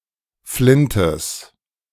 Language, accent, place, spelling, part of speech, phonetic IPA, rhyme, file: German, Germany, Berlin, Flintes, noun, [ˈflɪntəs], -ɪntəs, De-Flintes.ogg
- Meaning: genitive singular of Flint